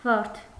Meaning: rose (flower)
- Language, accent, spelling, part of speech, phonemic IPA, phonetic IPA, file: Armenian, Eastern Armenian, վարդ, noun, /vɑɾtʰ/, [vɑɾtʰ], Hy-վարդ.ogg